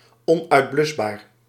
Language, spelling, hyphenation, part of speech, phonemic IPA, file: Dutch, onuitblusbaar, on‧uit‧blus‧baar, adjective, /ˌɔn.œy̯tˈblʏs.baːr/, Nl-onuitblusbaar.ogg
- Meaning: inextinguishable